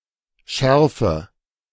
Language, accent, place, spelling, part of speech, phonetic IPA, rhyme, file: German, Germany, Berlin, schärfe, verb, [ˈʃɛʁfə], -ɛʁfə, De-schärfe.ogg
- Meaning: inflection of schärfen: 1. first-person singular present 2. first/third-person singular subjunctive I 3. singular imperative